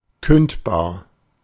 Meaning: 1. terminable (capable of being cancelled, terminated) 2. capable of being dismissed
- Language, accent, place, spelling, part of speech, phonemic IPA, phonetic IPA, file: German, Germany, Berlin, kündbar, adjective, /ˈkʏntbaːr/, [ˈkʏntbaː(ɐ̯)], De-kündbar.ogg